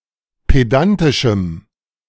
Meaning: strong dative masculine/neuter singular of pedantisch
- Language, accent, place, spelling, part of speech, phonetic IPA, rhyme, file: German, Germany, Berlin, pedantischem, adjective, [ˌpeˈdantɪʃm̩], -antɪʃm̩, De-pedantischem.ogg